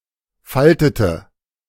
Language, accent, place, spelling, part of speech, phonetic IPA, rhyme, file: German, Germany, Berlin, faltete, verb, [ˈfaltətə], -altətə, De-faltete.ogg
- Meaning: inflection of falten: 1. first/third-person singular preterite 2. first/third-person singular subjunctive II